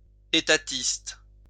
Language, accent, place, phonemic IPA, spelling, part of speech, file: French, France, Lyon, /e.ta.tist/, étatiste, noun / adjective, LL-Q150 (fra)-étatiste.wav
- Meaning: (noun) statist